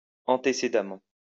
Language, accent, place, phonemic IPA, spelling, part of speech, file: French, France, Lyon, /ɑ̃.te.se.da.mɑ̃/, antécédemment, adverb, LL-Q150 (fra)-antécédemment.wav
- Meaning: at an earlier point; previously, antecedently